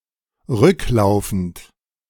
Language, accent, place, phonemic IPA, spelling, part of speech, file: German, Germany, Berlin, /ˈʁʏkˌlaʊ̯fn̩t/, rücklaufend, adjective, De-rücklaufend.ogg
- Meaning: backwards (from the back)